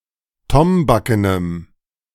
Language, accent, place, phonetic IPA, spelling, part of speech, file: German, Germany, Berlin, [ˈtɔmbakənəm], tombakenem, adjective, De-tombakenem.ogg
- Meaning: strong dative masculine/neuter singular of tombaken